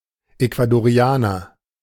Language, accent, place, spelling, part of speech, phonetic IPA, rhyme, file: German, Germany, Berlin, Ecuadorianer, noun, [eku̯adoˈʁi̯aːnɐ], -aːnɐ, De-Ecuadorianer.ogg
- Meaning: Ecuadorian (man from Ecuador)